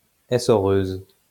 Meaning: mangle, wringer
- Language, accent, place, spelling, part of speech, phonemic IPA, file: French, France, Lyon, essoreuse, noun, /e.sɔ.ʁøz/, LL-Q150 (fra)-essoreuse.wav